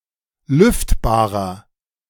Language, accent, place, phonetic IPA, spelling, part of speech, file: German, Germany, Berlin, [ˈlʏftbaːʁɐ], lüftbarer, adjective, De-lüftbarer.ogg
- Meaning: inflection of lüftbar: 1. strong/mixed nominative masculine singular 2. strong genitive/dative feminine singular 3. strong genitive plural